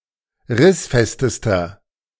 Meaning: inflection of rissfest: 1. strong/mixed nominative masculine singular superlative degree 2. strong genitive/dative feminine singular superlative degree 3. strong genitive plural superlative degree
- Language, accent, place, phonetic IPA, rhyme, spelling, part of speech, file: German, Germany, Berlin, [ˈʁɪsˌfɛstəstɐ], -ɪsfɛstəstɐ, rissfestester, adjective, De-rissfestester.ogg